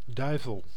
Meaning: devil
- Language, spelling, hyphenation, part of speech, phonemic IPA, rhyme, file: Dutch, duivel, dui‧vel, noun, /ˈdœy̯vəl/, -œy̯vəl, Nl-duivel.ogg